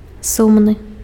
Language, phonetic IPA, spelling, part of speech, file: Belarusian, [ˈsumnɨ], сумны, adjective, Be-сумны.ogg
- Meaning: 1. sad 2. regrettable